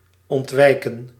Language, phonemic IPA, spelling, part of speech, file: Dutch, /ɔntˈʋɛi̯.kə(n)/, ontwijken, verb, Nl-ontwijken.ogg
- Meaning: dodge, avoid